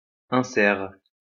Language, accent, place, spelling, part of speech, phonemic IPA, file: French, France, Lyon, insert, noun, /ɛ̃.sɛʁ/, LL-Q150 (fra)-insert.wav
- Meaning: insert